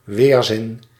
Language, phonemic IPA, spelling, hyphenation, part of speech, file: Dutch, /ˈʋeːr.zɪn/, weerzin, weer‧zin, noun, Nl-weerzin.ogg
- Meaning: revulsion, aversion